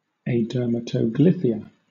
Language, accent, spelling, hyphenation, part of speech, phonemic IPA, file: English, Southern England, adermatoglyphia, ader‧ma‧to‧gly‧phia, noun, /eɪˌdɜː.mə.təʊˈɡlɪ.fɪ.ə/, LL-Q1860 (eng)-adermatoglyphia.wav
- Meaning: The absence of epidermal ridges (fingerprints and toeprints)